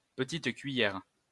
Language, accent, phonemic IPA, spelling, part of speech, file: French, France, /pə.tit kɥi.jɛʁ/, petite cuillère, noun, LL-Q150 (fra)-petite cuillère.wav
- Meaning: teaspoon